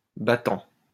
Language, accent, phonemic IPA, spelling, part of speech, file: French, France, /ba.tɑ̃/, battant, adjective / noun / verb, LL-Q150 (fra)-battant.wav
- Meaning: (adjective) beating; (noun) 1. a leaf (of a door or a window) 2. a leaf (of a foldable table or a counter) 3. a stayer, a fighter, a go-getter (someone who shoots for success despite obstacles)